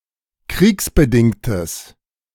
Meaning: strong/mixed nominative/accusative neuter singular of kriegsbedingt
- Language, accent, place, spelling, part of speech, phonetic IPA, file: German, Germany, Berlin, kriegsbedingtes, adjective, [ˈkʁiːksbəˌdɪŋtəs], De-kriegsbedingtes.ogg